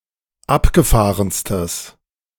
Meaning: strong/mixed nominative/accusative neuter singular superlative degree of abgefahren
- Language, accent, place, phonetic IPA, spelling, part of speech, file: German, Germany, Berlin, [ˈapɡəˌfaːʁənstəs], abgefahrenstes, adjective, De-abgefahrenstes.ogg